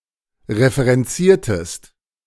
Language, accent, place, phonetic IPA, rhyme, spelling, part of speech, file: German, Germany, Berlin, [ʁefəʁɛnˈt͡siːɐ̯təst], -iːɐ̯təst, referenziertest, verb, De-referenziertest.ogg
- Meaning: inflection of referenzieren: 1. second-person singular preterite 2. second-person singular subjunctive II